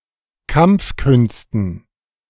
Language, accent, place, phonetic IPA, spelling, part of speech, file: German, Germany, Berlin, [ˈkamp͡fˌkʏnstn̩], Kampfkünsten, noun, De-Kampfkünsten.ogg
- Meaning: dative plural of Kampfkunst